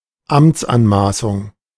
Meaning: unauthorised assumption of authority, usurpation of authority
- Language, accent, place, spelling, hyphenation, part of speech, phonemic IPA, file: German, Germany, Berlin, Amtsanmaßung, Amts‧an‧ma‧ßung, noun, /ˈamt͡sʔanˌmaːsʊŋ/, De-Amtsanmaßung.ogg